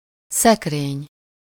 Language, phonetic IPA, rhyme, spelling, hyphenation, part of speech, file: Hungarian, [ˈsɛkreːɲ], -eːɲ, szekrény, szek‧rény, noun, Hu-szekrény.ogg
- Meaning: wardrobe, cupboard, cabinet, closet (furniture used for storage)